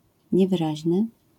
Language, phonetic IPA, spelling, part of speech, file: Polish, [ˌɲɛvɨˈraʑnɨ], niewyraźny, adjective, LL-Q809 (pol)-niewyraźny.wav